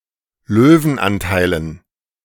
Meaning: dative plural of Löwenanteil
- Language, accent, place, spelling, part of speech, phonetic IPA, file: German, Germany, Berlin, Löwenanteilen, noun, [ˈløːvn̩ˌʔantaɪ̯lən], De-Löwenanteilen.ogg